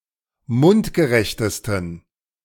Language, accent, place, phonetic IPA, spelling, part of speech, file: German, Germany, Berlin, [ˈmʊntɡəˌʁɛçtəstn̩], mundgerechtesten, adjective, De-mundgerechtesten.ogg
- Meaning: 1. superlative degree of mundgerecht 2. inflection of mundgerecht: strong genitive masculine/neuter singular superlative degree